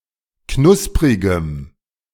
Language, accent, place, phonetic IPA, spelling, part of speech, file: German, Germany, Berlin, [ˈknʊspʁɪɡəm], knusprigem, adjective, De-knusprigem.ogg
- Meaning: strong dative masculine/neuter singular of knusprig